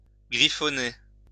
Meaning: to scribble, scrawl (write something scruffily)
- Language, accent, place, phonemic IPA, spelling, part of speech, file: French, France, Lyon, /ɡʁi.fɔ.ne/, griffonner, verb, LL-Q150 (fra)-griffonner.wav